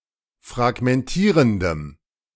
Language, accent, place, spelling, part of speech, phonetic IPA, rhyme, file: German, Germany, Berlin, fragmentierendem, adjective, [fʁaɡmɛnˈtiːʁəndəm], -iːʁəndəm, De-fragmentierendem.ogg
- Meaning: strong dative masculine/neuter singular of fragmentierend